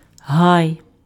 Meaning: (noun) grove (a medium sized collection of trees); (verb) second-person singular imperative of га́яти impf (hájaty)
- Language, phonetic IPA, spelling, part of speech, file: Ukrainian, [ɦai̯], гай, noun / verb, Uk-гай.ogg